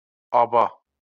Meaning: 1. father 2. mother 3. elder sister 4. elder sister-in-law 5. aba
- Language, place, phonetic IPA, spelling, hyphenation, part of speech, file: Azerbaijani, Baku, [ɑˈbɑ], aba, a‧ba, noun, LL-Q9292 (aze)-aba.wav